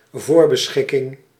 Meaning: predestination
- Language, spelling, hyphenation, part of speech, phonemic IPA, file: Dutch, voorbeschikking, voor‧be‧schik‧king, noun, /ˈvoːr.bəˌsxɪ.kɪŋ/, Nl-voorbeschikking.ogg